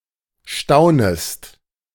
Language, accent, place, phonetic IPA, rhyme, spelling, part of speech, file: German, Germany, Berlin, [ˈʃtaʊ̯nəst], -aʊ̯nəst, staunest, verb, De-staunest.ogg
- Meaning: second-person singular subjunctive I of staunen